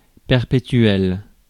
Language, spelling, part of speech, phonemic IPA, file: French, perpétuel, adjective, /pɛʁ.pe.tɥɛl/, Fr-perpétuel.ogg
- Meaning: 1. endless, perpetual, eternal 2. permanent